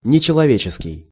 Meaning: 1. inhuman 2. superhuman
- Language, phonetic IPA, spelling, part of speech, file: Russian, [nʲɪt͡ɕɪɫɐˈvʲet͡ɕɪskʲɪj], нечеловеческий, adjective, Ru-нечеловеческий.ogg